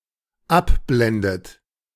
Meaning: inflection of abblenden: 1. third-person singular dependent present 2. second-person plural dependent present 3. second-person plural dependent subjunctive I
- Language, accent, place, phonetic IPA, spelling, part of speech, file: German, Germany, Berlin, [ˈapˌblɛndət], abblendet, verb, De-abblendet.ogg